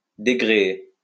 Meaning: to unrig
- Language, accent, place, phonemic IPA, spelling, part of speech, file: French, France, Lyon, /de.ɡʁe.e/, dégréer, verb, LL-Q150 (fra)-dégréer.wav